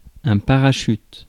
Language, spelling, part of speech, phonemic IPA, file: French, parachute, noun, /pa.ʁa.ʃyt/, Fr-parachute.ogg
- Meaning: 1. parachute (device designed to control the fall of an object) 2. parachute (scrotum collar from which weights can be hung)